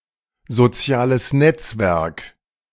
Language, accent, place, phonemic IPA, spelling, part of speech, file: German, Germany, Berlin, /zoˈt͡si̯aːləs ˈnɛt͡sˌvɛʁk/, soziales Netzwerk, noun, De-soziales Netzwerk.ogg
- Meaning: social network